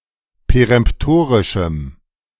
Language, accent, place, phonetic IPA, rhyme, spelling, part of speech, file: German, Germany, Berlin, [peʁɛmpˈtoːʁɪʃm̩], -oːʁɪʃm̩, peremptorischem, adjective, De-peremptorischem.ogg
- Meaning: strong dative masculine/neuter singular of peremptorisch